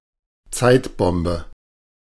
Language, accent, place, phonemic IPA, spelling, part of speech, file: German, Germany, Berlin, /ˈtsaɪ̯tˌbɔmbə/, Zeitbombe, noun, De-Zeitbombe.ogg
- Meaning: time bomb